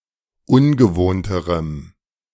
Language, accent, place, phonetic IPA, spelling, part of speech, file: German, Germany, Berlin, [ˈʊnɡəˌvoːntəʁəm], ungewohnterem, adjective, De-ungewohnterem.ogg
- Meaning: strong dative masculine/neuter singular comparative degree of ungewohnt